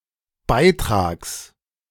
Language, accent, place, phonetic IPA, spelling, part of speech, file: German, Germany, Berlin, [ˈbaɪ̯ˌtʁaːks], Beitrags, noun, De-Beitrags.ogg
- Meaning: genitive singular of Beitrag